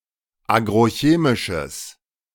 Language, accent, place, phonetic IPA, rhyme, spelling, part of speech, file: German, Germany, Berlin, [ˌaːɡʁoˈçeːmɪʃəs], -eːmɪʃəs, agrochemisches, adjective, De-agrochemisches.ogg
- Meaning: strong/mixed nominative/accusative neuter singular of agrochemisch